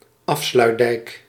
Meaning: the dike separating the IJsselmeer (which was the Zuiderzee before its construction) from the Waddenzee, connecting Wieringen, North Holland, and Frisia
- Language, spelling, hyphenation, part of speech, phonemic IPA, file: Dutch, Afsluitdijk, Af‧sluit‧dijk, proper noun, /ˈɑf.slœy̯tˌdɛi̯k/, Nl-Afsluitdijk.ogg